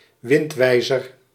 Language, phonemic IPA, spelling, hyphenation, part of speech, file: Dutch, /ˈʋɪntˌʋɛi̯.zər/, windwijzer, wind‧wij‧zer, noun, Nl-windwijzer.ogg
- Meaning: weather vane